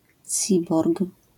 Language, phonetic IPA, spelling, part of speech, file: Polish, [ˈsʲibɔrk], seaborg, noun, LL-Q809 (pol)-seaborg.wav